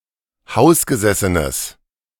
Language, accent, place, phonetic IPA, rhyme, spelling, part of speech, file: German, Germany, Berlin, [ˈhaʊ̯sɡəˌzɛsənəs], -aʊ̯sɡəzɛsənəs, hausgesessenes, adjective, De-hausgesessenes.ogg
- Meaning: strong/mixed nominative/accusative neuter singular of hausgesessen